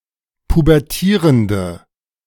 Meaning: inflection of pubertierend: 1. strong/mixed nominative/accusative feminine singular 2. strong nominative/accusative plural 3. weak nominative all-gender singular
- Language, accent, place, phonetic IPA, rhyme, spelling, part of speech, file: German, Germany, Berlin, [pubɛʁˈtiːʁəndə], -iːʁəndə, pubertierende, adjective, De-pubertierende.ogg